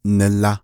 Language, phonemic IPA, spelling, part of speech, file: Navajo, /nɪ̀lɑ̀/, nila, interjection, Nv-nila.ogg
- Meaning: "it’s up to you"; "you decide"